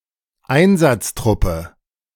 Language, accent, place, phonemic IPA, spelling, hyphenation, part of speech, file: German, Germany, Berlin, /ˈaɪ̯nzatsˌtʁʊpə/, Einsatztruppe, Ein‧satz‧trup‧pe, noun, De-Einsatztruppe.ogg
- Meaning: task force